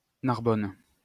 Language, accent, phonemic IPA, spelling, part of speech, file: French, France, /naʁ.bɔn/, Narbonne, proper noun, LL-Q150 (fra)-Narbonne.wav
- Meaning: Narbonne (a town and commune in Aude department, Occitania, southern France)